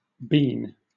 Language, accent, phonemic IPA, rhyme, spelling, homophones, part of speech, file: English, Southern England, /biːn/, -iːn, bene, bean / been, noun, LL-Q1860 (eng)-bene.wav
- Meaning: A prayer, especially to God; a petition; a boon